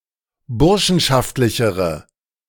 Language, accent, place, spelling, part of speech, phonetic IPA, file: German, Germany, Berlin, burschenschaftlichere, adjective, [ˈbʊʁʃn̩ʃaftlɪçəʁə], De-burschenschaftlichere.ogg
- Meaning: inflection of burschenschaftlich: 1. strong/mixed nominative/accusative feminine singular comparative degree 2. strong nominative/accusative plural comparative degree